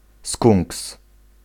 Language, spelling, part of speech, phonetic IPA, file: Polish, skunks, noun, [skũŋks], Pl-skunks.ogg